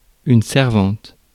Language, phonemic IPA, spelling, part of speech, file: French, /sɛʁ.vɑ̃t/, servante, noun, Fr-servante.ogg
- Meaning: female equivalent of servant